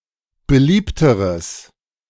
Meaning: strong/mixed nominative/accusative neuter singular comparative degree of beliebt
- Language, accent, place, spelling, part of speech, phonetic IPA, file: German, Germany, Berlin, beliebteres, adjective, [bəˈliːptəʁəs], De-beliebteres.ogg